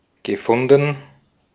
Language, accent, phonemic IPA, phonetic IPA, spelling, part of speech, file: German, Austria, /ɡəˈfʊndən/, [ɡəˈfʊndn̩], gefunden, verb / adjective, De-at-gefunden.ogg
- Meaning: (verb) past participle of finden; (adjective) 1. found, located 2. encountered